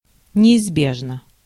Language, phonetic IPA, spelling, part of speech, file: Russian, [nʲɪɪzˈbʲeʐnə], неизбежно, adverb / adjective, Ru-неизбежно.ogg
- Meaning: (adverb) inevitably; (adjective) 1. it is inevitable 2. short neuter singular of неизбе́жный (neizbéžnyj)